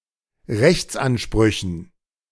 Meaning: dative plural of Rechtsanspruch
- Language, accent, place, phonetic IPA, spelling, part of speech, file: German, Germany, Berlin, [ˈʁɛçt͡sʔanˌʃpʁʏçn̩], Rechtsansprüchen, noun, De-Rechtsansprüchen.ogg